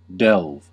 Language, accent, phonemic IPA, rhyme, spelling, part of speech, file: English, US, /dɛlv/, -ɛlv, delve, verb / noun, En-us-delve.ogg
- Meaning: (verb) 1. To dig into the ground, especially with a shovel 2. To dig; to excavate 3. To search thoroughly and carefully for information, research, dig into, penetrate, fathom, trace out